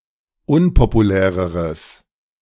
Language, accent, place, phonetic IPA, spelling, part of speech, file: German, Germany, Berlin, [ˈʊnpopuˌlɛːʁəʁəs], unpopuläreres, adjective, De-unpopuläreres.ogg
- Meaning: strong/mixed nominative/accusative neuter singular comparative degree of unpopulär